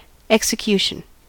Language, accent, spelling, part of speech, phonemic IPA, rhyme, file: English, US, execution, noun, /ˌɛk.sɪˈkjuː.ʃən/, -uːʃən, En-us-execution.ogg
- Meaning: 1. The act, manner or style of executing (actions, maneuvers, performances) 2. The state of being accomplished